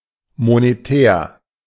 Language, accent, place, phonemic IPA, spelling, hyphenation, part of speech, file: German, Germany, Berlin, /moneˈtɛːr/, monetär, mo‧ne‧tär, adjective, De-monetär.ogg
- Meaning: monetary: 1. pertaining to currency, to monetary policy 2. financial, pecuniary, pertaining to money in general